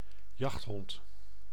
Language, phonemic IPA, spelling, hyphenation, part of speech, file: Dutch, /ˈjɑxt.ɦɔnt/, jachthond, jacht‧hond, noun, Nl-jachthond.ogg
- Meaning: hunting dog, hound (dog used for hunting)